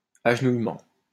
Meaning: kneeling
- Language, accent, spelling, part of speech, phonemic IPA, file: French, France, agenouillement, noun, /aʒ.nuj.mɑ̃/, LL-Q150 (fra)-agenouillement.wav